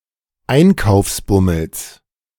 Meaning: genitive singular of Einkaufsbummel
- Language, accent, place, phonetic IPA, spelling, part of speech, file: German, Germany, Berlin, [ˈaɪ̯nkaʊ̯fsˌbʊml̩s], Einkaufsbummels, noun, De-Einkaufsbummels.ogg